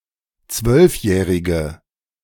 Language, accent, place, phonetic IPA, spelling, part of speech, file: German, Germany, Berlin, [ˈt͡svœlfˌjɛːʁɪɡə], zwölfjährige, adjective, De-zwölfjährige.ogg
- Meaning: inflection of zwölfjährig: 1. strong/mixed nominative/accusative feminine singular 2. strong nominative/accusative plural 3. weak nominative all-gender singular